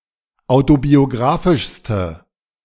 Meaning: inflection of autobiografisch: 1. strong/mixed nominative/accusative feminine singular superlative degree 2. strong nominative/accusative plural superlative degree
- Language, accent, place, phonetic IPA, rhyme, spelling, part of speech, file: German, Germany, Berlin, [ˌaʊ̯tobioˈɡʁaːfɪʃstə], -aːfɪʃstə, autobiografischste, adjective, De-autobiografischste.ogg